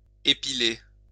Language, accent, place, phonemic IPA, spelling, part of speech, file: French, France, Lyon, /e.pi.le/, épiler, verb, LL-Q150 (fra)-épiler.wav
- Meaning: to epilate